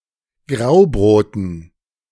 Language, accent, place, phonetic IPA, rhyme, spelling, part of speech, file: German, Germany, Berlin, [ˈɡʁaʊ̯ˌbʁoːtn̩], -aʊ̯bʁoːtn̩, Graubroten, noun, De-Graubroten.ogg
- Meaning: dative plural of Graubrot